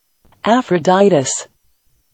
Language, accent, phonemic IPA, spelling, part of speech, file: English, US, /æfɹəˈdaɪtəs/, Aphroditus, proper noun, En-us-Aphroditus.ogg
- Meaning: A male Aphrodite, from Cyprus, represented as a herm with a phallus, who in later mythology became known as Hermaphroditus, the son of Hermes and Aphrodite